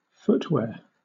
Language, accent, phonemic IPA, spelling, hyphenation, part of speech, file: English, Southern England, /ˈfʊtwɛə(ɹ)/, footwear, foot‧wear, noun, LL-Q1860 (eng)-footwear.wav
- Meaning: Accesories or clothing that is worn on the foot; a shoe, sandal, etc